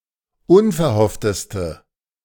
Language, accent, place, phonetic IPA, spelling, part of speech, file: German, Germany, Berlin, [ˈʊnfɛɐ̯ˌhɔftəstə], unverhoffteste, adjective, De-unverhoffteste.ogg
- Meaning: inflection of unverhofft: 1. strong/mixed nominative/accusative feminine singular superlative degree 2. strong nominative/accusative plural superlative degree